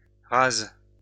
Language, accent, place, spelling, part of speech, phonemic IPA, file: French, France, Lyon, rase, adjective / verb, /ʁaz/, LL-Q150 (fra)-rase.wav
- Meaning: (adjective) feminine singular of ras; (verb) inflection of raser: 1. first/third-person singular present indicative/subjunctive 2. second-person singular imperative